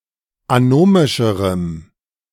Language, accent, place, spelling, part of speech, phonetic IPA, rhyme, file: German, Germany, Berlin, anomischerem, adjective, [aˈnoːmɪʃəʁəm], -oːmɪʃəʁəm, De-anomischerem.ogg
- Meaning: strong dative masculine/neuter singular comparative degree of anomisch